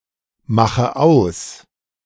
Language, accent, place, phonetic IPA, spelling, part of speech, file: German, Germany, Berlin, [ˌmaxə ˈaʊ̯s], mache aus, verb, De-mache aus.ogg
- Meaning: inflection of ausmachen: 1. first-person singular present 2. first/third-person singular subjunctive I 3. singular imperative